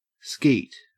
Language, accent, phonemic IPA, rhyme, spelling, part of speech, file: English, Australia, /skiːt/, -iːt, skeet, noun / verb, En-au-skeet.ogg
- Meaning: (noun) 1. A form of trapshooting using clay targets to simulate birds in flight 2. A hand consisting of a 9, a 5, a 2, and two other cards lower than 9 3. The ejaculation of semen